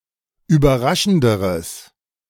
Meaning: strong/mixed nominative/accusative neuter singular comparative degree of überraschend
- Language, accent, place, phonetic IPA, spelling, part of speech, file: German, Germany, Berlin, [yːbɐˈʁaʃn̩dəʁəs], überraschenderes, adjective, De-überraschenderes.ogg